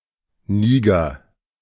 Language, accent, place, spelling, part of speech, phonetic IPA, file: German, Germany, Berlin, Niger, proper noun, [ˈniːɡɐ], De-Niger.ogg
- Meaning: 1. Niger (a country in West Africa, situated to the north of Nigeria) 2. Niger (a major river in West Africa that flows into the Gulf of Guinea in Nigeria)